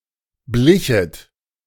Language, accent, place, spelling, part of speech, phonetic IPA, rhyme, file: German, Germany, Berlin, blichet, verb, [ˈblɪçət], -ɪçət, De-blichet.ogg
- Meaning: second-person plural subjunctive II of bleichen